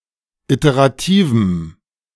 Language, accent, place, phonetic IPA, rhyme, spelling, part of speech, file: German, Germany, Berlin, [ˌiteʁaˈtiːvm̩], -iːvm̩, iterativem, adjective, De-iterativem.ogg
- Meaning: strong dative masculine/neuter singular of iterativ